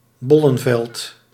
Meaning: a field used for the cultivation of bulb plants; a bulb field
- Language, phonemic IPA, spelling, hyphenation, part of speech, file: Dutch, /ˈbɔ.lə(n)ˌvɛlt/, bollenveld, bol‧len‧veld, noun, Nl-bollenveld.ogg